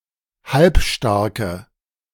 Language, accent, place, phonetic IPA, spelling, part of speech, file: German, Germany, Berlin, [ˈhalpˌʃtaʁkə], halbstarke, adjective, De-halbstarke.ogg
- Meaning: inflection of halbstark: 1. strong/mixed nominative/accusative feminine singular 2. strong nominative/accusative plural 3. weak nominative all-gender singular